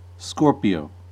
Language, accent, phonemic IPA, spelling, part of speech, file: English, US, /ˈskɔːɹpɪoʊ/, Scorpio, proper noun / noun, En-us-Scorpio.ogg
- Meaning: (proper noun) 1. Scorpius 2. The zodiac sign for the scorpion, ruled by Mars and covering October 23 - November 22 (tropical astrology) or November 16 - December 15 (sidereal astrology)